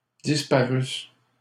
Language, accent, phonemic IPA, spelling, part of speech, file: French, Canada, /dis.pa.ʁys/, disparusses, verb, LL-Q150 (fra)-disparusses.wav
- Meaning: second-person singular imperfect subjunctive of disparaître